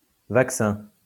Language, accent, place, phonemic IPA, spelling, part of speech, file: French, France, Lyon, /vak.sɛ̃/, vaccin, noun, LL-Q150 (fra)-vaccin.wav
- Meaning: vaccine (substance that stimulates production of antibodies)